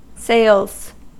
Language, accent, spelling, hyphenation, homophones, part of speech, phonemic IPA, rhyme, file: English, US, sales, sales, sails, noun, /seɪlz/, -eɪlz, En-us-sales.ogg
- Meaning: 1. plural of sale 2. The activities involved in selling goods or services 3. The amount or value of goods and services sold